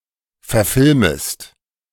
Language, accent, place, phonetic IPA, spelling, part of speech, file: German, Germany, Berlin, [fɛɐ̯ˈfɪlməst], verfilmest, verb, De-verfilmest.ogg
- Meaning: second-person singular subjunctive I of verfilmen